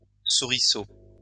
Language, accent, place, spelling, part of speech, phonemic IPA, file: French, France, Lyon, souriceau, noun, /su.ʁi.so/, LL-Q150 (fra)-souriceau.wav
- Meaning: mouseling, mousekin, young mouse